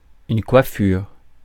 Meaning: 1. headwear, headgear (garment worn on one's head) 2. hairstyle
- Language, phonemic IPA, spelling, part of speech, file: French, /kwa.fyʁ/, coiffure, noun, Fr-coiffure.ogg